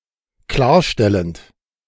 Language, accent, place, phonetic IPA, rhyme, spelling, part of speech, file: German, Germany, Berlin, [ˈklaːɐ̯ˌʃtɛlənt], -aːɐ̯ʃtɛlənt, klarstellend, verb, De-klarstellend.ogg
- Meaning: present participle of klarstellen